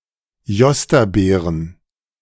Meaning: plural of Jostabeere
- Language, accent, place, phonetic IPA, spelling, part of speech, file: German, Germany, Berlin, [ˈjɔstaˌbeːʁən], Jostabeeren, noun, De-Jostabeeren.ogg